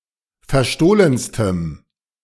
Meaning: strong dative masculine/neuter singular superlative degree of verstohlen
- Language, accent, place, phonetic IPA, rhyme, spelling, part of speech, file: German, Germany, Berlin, [fɛɐ̯ˈʃtoːlənstəm], -oːlənstəm, verstohlenstem, adjective, De-verstohlenstem.ogg